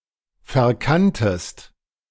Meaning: second-person singular preterite of verkennen
- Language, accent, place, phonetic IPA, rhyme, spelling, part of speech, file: German, Germany, Berlin, [fɛɐ̯ˈkantəst], -antəst, verkanntest, verb, De-verkanntest.ogg